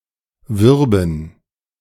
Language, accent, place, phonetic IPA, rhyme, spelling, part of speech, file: German, Germany, Berlin, [ˈvʏʁbn̩], -ʏʁbn̩, würben, verb, De-würben.ogg
- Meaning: first/third-person plural subjunctive II of werben